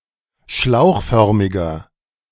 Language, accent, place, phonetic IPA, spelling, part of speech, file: German, Germany, Berlin, [ˈʃlaʊ̯xˌfœʁmɪɡɐ], schlauchförmiger, adjective, De-schlauchförmiger.ogg
- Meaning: inflection of schlauchförmig: 1. strong/mixed nominative masculine singular 2. strong genitive/dative feminine singular 3. strong genitive plural